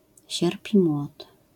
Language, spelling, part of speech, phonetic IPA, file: Polish, sierp i młot, noun, [ˈɕɛrpʔi‿ˈmwɔt], LL-Q809 (pol)-sierp i młot.wav